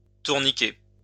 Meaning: to wind (around)
- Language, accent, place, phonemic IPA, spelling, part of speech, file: French, France, Lyon, /tuʁ.ni.ke/, tourniquer, verb, LL-Q150 (fra)-tourniquer.wav